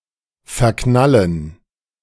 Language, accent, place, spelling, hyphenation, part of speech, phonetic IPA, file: German, Germany, Berlin, verknallen, ver‧knal‧len, verb, [fɛɐ̯ˈknalən], De-verknallen.ogg
- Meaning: 1. to become infatuated, to fall for, to get a crush 2. to squander